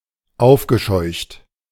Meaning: past participle of aufscheuchen
- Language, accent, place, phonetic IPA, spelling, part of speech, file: German, Germany, Berlin, [ˈaʊ̯fɡəˌʃɔɪ̯çt], aufgescheucht, verb, De-aufgescheucht.ogg